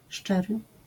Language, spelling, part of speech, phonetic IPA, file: Polish, szczery, adjective, [ˈʃt͡ʃɛrɨ], LL-Q809 (pol)-szczery.wav